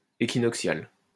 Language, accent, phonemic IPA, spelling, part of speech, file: French, France, /e.ki.nɔk.sjal/, équinoxial, adjective, LL-Q150 (fra)-équinoxial.wav
- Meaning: equinoctial